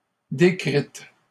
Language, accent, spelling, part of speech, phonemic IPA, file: French, Canada, décrite, verb, /de.kʁit/, LL-Q150 (fra)-décrite.wav
- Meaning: feminine singular of décrit